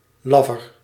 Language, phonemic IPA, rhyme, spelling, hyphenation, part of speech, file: Dutch, /ˈloː.vər/, -oːvər, lover, lo‧ver, noun, Nl-lover.ogg
- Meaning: foliage